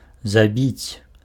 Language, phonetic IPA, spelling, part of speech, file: Belarusian, [zaˈbʲit͡sʲ], забіць, verb, Be-забіць.ogg
- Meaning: to assassinate, to murder, to kill, to slay